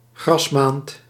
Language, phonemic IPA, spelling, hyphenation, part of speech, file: Dutch, /ˈɣrɑsˌmaːnt/, grasmaand, gras‧maand, noun, Nl-grasmaand.ogg
- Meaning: April